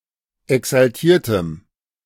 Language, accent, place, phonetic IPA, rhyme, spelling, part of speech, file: German, Germany, Berlin, [ɛksalˈtiːɐ̯təm], -iːɐ̯təm, exaltiertem, adjective, De-exaltiertem.ogg
- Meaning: strong dative masculine/neuter singular of exaltiert